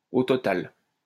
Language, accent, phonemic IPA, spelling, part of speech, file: French, France, /o tɔ.tal/, au total, adverb, LL-Q150 (fra)-au total.wav
- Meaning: in total, in all, all told